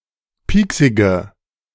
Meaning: inflection of pieksig: 1. strong/mixed nominative/accusative feminine singular 2. strong nominative/accusative plural 3. weak nominative all-gender singular 4. weak accusative feminine/neuter singular
- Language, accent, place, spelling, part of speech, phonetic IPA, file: German, Germany, Berlin, pieksige, adjective, [ˈpiːksɪɡə], De-pieksige.ogg